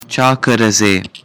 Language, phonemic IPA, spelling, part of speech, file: Pashto, /t͡ʃɑ kəra d͡ze/, چا کره ځې, phrase, Ps-چا کره ځې.oga
- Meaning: Whose (house, place etc) are you going to